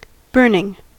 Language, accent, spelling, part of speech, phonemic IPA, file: English, US, burning, verb / adjective / noun, /ˈbɝnɪŋ/, En-us-burning.ogg
- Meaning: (verb) present participle and gerund of burn; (adjective) 1. So hot as to seem to burn (something) 2. Feeling very hot 3. Feeling great passion